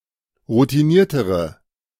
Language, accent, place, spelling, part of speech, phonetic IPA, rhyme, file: German, Germany, Berlin, routiniertere, adjective, [ʁutiˈniːɐ̯təʁə], -iːɐ̯təʁə, De-routiniertere.ogg
- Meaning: inflection of routiniert: 1. strong/mixed nominative/accusative feminine singular comparative degree 2. strong nominative/accusative plural comparative degree